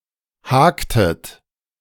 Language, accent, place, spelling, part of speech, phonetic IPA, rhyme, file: German, Germany, Berlin, haktet, verb, [ˈhaːktət], -aːktət, De-haktet.ogg
- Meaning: inflection of haken: 1. second-person plural preterite 2. second-person plural subjunctive II